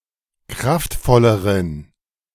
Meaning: inflection of kraftvoll: 1. strong genitive masculine/neuter singular comparative degree 2. weak/mixed genitive/dative all-gender singular comparative degree
- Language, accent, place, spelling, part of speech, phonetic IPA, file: German, Germany, Berlin, kraftvolleren, adjective, [ˈkʁaftˌfɔləʁən], De-kraftvolleren.ogg